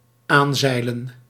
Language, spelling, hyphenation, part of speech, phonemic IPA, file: Dutch, aanzeilen, aan‧zei‧len, verb, /ˈaːnˌzɛi̯.lə(n)/, Nl-aanzeilen.ogg
- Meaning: 1. to sail near, to arrive, approach or collide by sailing 2. to collide against (something) while sailing